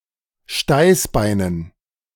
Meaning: dative plural of Steißbein
- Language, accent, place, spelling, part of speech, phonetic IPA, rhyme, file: German, Germany, Berlin, Steißbeinen, noun, [ˈʃtaɪ̯sˌbaɪ̯nən], -aɪ̯sbaɪ̯nən, De-Steißbeinen.ogg